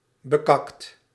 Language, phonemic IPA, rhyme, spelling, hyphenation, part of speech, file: Dutch, /bəˈkɑkt/, -ɑkt, bekakt, be‧kakt, adjective / verb, Nl-bekakt.ogg
- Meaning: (adjective) 1. shit-soiled 2. posh, haughty, snooty; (verb) 1. past participle of bekakken 2. inflection of bekakken: second/third-person singular present indicative